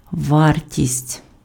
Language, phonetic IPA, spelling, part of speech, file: Ukrainian, [ˈʋartʲisʲtʲ], вартість, noun, Uk-вартість.ogg
- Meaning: value, worth, cost